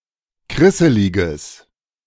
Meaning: strong/mixed nominative/accusative neuter singular of krisselig
- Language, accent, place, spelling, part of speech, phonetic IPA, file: German, Germany, Berlin, krisseliges, adjective, [ˈkʁɪsəlɪɡəs], De-krisseliges.ogg